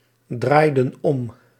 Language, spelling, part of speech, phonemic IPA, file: Dutch, draaiden om, verb, /ˈdrajdə(n) ˈɔm/, Nl-draaiden om.ogg
- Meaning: inflection of omdraaien: 1. plural past indicative 2. plural past subjunctive